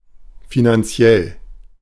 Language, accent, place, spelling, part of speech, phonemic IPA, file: German, Germany, Berlin, finanziell, adjective, /ˌfinanˈt͡si̯ɛl/, De-finanziell.ogg
- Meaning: financial